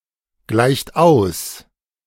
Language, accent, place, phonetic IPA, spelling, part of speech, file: German, Germany, Berlin, [ˌɡlaɪ̯çt ˈaʊ̯s], gleicht aus, verb, De-gleicht aus.ogg
- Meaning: inflection of ausgleichen: 1. third-person singular present 2. second-person plural present 3. plural imperative